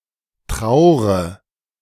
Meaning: inflection of trauern: 1. first-person singular present 2. first/third-person singular subjunctive I 3. singular imperative
- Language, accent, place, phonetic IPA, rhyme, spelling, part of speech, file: German, Germany, Berlin, [ˈtʁaʊ̯ʁə], -aʊ̯ʁə, traure, verb, De-traure.ogg